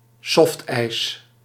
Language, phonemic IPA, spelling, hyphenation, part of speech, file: Dutch, /ˈsɔft.ɛi̯s/, softijs, soft‧ijs, noun, Nl-softijs.ogg
- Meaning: soft serve